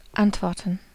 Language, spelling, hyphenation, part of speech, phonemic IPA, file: German, antworten, ant‧wor‧ten, verb, /ˈantvɔʁtn̩/, De-antworten.ogg
- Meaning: to answer, to reply